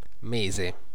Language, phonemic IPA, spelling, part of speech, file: Italian, /ˈmese/, mese, noun, It-mese.ogg